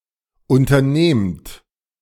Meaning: inflection of unternehmen: 1. second-person plural present 2. plural imperative
- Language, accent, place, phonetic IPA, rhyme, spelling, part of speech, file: German, Germany, Berlin, [ˌʔʊntɐˈneːmt], -eːmt, unternehmt, verb, De-unternehmt.ogg